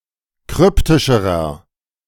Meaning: inflection of kryptisch: 1. strong/mixed nominative masculine singular comparative degree 2. strong genitive/dative feminine singular comparative degree 3. strong genitive plural comparative degree
- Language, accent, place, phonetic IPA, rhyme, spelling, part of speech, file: German, Germany, Berlin, [ˈkʁʏptɪʃəʁɐ], -ʏptɪʃəʁɐ, kryptischerer, adjective, De-kryptischerer.ogg